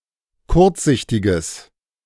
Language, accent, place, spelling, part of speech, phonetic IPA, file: German, Germany, Berlin, kurzsichtiges, adjective, [ˈkʊʁt͡sˌzɪçtɪɡəs], De-kurzsichtiges.ogg
- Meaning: strong/mixed nominative/accusative neuter singular of kurzsichtig